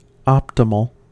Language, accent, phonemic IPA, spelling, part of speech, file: English, US, /ˈɑptɪməl/, optimal, adjective / noun, En-us-optimal.ogg
- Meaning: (adjective) The best, most favourable or desirable, especially under some restriction; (noun) The best of its kind